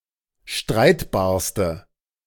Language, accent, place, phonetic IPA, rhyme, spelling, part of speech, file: German, Germany, Berlin, [ˈʃtʁaɪ̯tbaːɐ̯stə], -aɪ̯tbaːɐ̯stə, streitbarste, adjective, De-streitbarste.ogg
- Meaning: inflection of streitbar: 1. strong/mixed nominative/accusative feminine singular superlative degree 2. strong nominative/accusative plural superlative degree